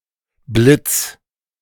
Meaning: 1. a bolt of lightning 2. flash
- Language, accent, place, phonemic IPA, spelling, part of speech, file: German, Germany, Berlin, /blɪts/, Blitz, noun, De-Blitz2.ogg